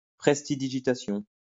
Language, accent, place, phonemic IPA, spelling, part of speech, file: French, France, Lyon, /pʁɛs.ti.di.ʒi.ta.sjɔ̃/, prestidigitation, noun, LL-Q150 (fra)-prestidigitation.wav
- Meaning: prestidigitation